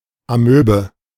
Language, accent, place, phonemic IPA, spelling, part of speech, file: German, Germany, Berlin, /aˈmøːbə/, Amöbe, noun, De-Amöbe.ogg
- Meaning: amoeba